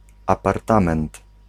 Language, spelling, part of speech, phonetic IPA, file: Polish, apartament, noun, [ˌaparˈtãmɛ̃nt], Pl-apartament.ogg